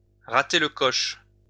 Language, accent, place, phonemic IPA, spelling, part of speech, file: French, France, Lyon, /ʁa.te l(ə) kɔʃ/, rater le coche, verb, LL-Q150 (fra)-rater le coche.wav
- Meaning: to miss the boat, to miss the bus